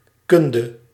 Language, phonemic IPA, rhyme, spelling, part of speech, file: Dutch, /ˈkʏn.də/, -ʏndə, kunde, noun, Nl-kunde.ogg
- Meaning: skill, competency